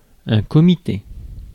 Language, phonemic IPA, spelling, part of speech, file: French, /kɔ.mi.te/, comité, noun, Fr-comité.ogg
- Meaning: committee